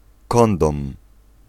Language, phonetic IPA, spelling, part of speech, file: Polish, [ˈkɔ̃ndɔ̃m], kondom, noun, Pl-kondom.ogg